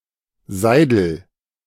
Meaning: 1. tankard 2. a measure, usually for liquids
- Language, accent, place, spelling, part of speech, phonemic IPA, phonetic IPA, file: German, Germany, Berlin, Seidel, noun, /ˈzaɪ̯dəl/, [ˈzaɪ̯dl̩], De-Seidel.ogg